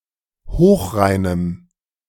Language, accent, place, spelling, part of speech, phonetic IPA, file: German, Germany, Berlin, hochreinem, adjective, [ˈhoːxˌʁaɪ̯nəm], De-hochreinem.ogg
- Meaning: strong dative masculine/neuter singular of hochrein